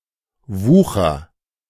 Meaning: 1. usury (loaning at excessive interest rates) 2. sale at excessive prices; overpricing, gouging; highway robbery
- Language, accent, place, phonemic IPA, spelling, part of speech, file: German, Germany, Berlin, /ˈvuːxər/, Wucher, noun, De-Wucher.ogg